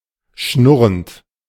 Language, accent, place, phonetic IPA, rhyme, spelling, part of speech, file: German, Germany, Berlin, [ˈʃnʊʁənt], -ʊʁənt, schnurrend, verb, De-schnurrend.ogg
- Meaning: present participle of schnurren